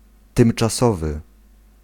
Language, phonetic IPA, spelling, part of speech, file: Polish, [ˌtɨ̃mt͡ʃaˈsɔvɨ], tymczasowy, adjective, Pl-tymczasowy.ogg